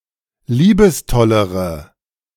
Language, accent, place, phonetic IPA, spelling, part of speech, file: German, Germany, Berlin, [ˈliːbəsˌtɔləʁə], liebestollere, adjective, De-liebestollere.ogg
- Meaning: inflection of liebestoll: 1. strong/mixed nominative/accusative feminine singular comparative degree 2. strong nominative/accusative plural comparative degree